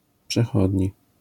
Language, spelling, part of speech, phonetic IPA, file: Polish, przechodni, adjective / noun, [pʃɛˈxɔdʲɲi], LL-Q809 (pol)-przechodni.wav